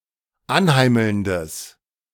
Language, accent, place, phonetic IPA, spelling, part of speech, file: German, Germany, Berlin, [ˈanˌhaɪ̯ml̩ndəs], anheimelndes, adjective, De-anheimelndes.ogg
- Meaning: strong/mixed nominative/accusative neuter singular of anheimelnd